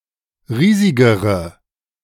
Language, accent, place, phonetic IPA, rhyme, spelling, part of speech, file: German, Germany, Berlin, [ˈʁiːzɪɡəʁə], -iːzɪɡəʁə, riesigere, adjective, De-riesigere.ogg
- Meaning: inflection of riesig: 1. strong/mixed nominative/accusative feminine singular comparative degree 2. strong nominative/accusative plural comparative degree